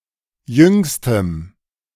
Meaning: strong dative masculine/neuter singular superlative degree of jung
- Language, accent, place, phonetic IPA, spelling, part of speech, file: German, Germany, Berlin, [ˈjʏŋstəm], jüngstem, adjective, De-jüngstem.ogg